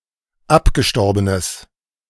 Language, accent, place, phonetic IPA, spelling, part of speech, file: German, Germany, Berlin, [ˈapɡəˌʃtɔʁbənəs], abgestorbenes, adjective, De-abgestorbenes.ogg
- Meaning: strong/mixed nominative/accusative neuter singular of abgestorben